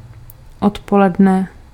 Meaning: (noun) afternoon; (adverb) during the afternoon
- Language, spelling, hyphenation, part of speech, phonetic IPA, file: Czech, odpoledne, od‧po‧led‧ne, noun / adverb, [ˈotpolɛdnɛ], Cs-odpoledne.ogg